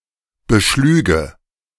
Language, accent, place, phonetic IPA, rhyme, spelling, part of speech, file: German, Germany, Berlin, [bəˈʃlyːɡə], -yːɡə, beschlüge, verb, De-beschlüge.ogg
- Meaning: first/third-person singular subjunctive II of beschlagen